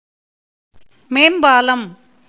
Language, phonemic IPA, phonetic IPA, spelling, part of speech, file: Tamil, /meːmbɑːlɐm/, [meːmbäːlɐm], மேம்பாலம், noun, Ta-மேம்பாலம்.ogg
- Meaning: overpass, flyover, overbridge